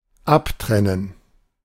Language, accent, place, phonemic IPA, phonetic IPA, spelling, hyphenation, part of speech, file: German, Germany, Berlin, /ˈapˌtʁɛnən/, [ˈʔapˌtʁɛn̩], abtrennen, ab‧tren‧nen, verb, De-abtrennen.ogg
- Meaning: 1. to cut off, sever 2. to separate